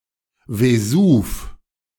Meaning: Vesuvius (mountain and active volcano in central Italy)
- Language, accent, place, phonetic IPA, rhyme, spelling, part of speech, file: German, Germany, Berlin, [veˈzuːf], -uːf, Vesuv, proper noun, De-Vesuv.ogg